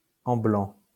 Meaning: present participle of ambler
- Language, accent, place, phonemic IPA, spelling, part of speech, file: French, France, Lyon, /ɑ̃.blɑ̃/, amblant, verb, LL-Q150 (fra)-amblant.wav